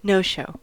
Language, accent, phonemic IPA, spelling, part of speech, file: English, US, /ˈnoʊ ˌʃoʊ/, no-show, noun / verb, En-us-no-show.ogg
- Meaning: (noun) 1. An absence; failure to show up or to make a scheduled appearance, especially at a hotel or a place of employment 2. A person or group that does not show up 3. Ellipsis of no-show sock